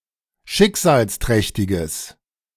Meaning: strong/mixed nominative/accusative neuter singular of schicksalsträchtig
- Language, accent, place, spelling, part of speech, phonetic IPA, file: German, Germany, Berlin, schicksalsträchtiges, adjective, [ˈʃɪkzaːlsˌtʁɛçtɪɡəs], De-schicksalsträchtiges.ogg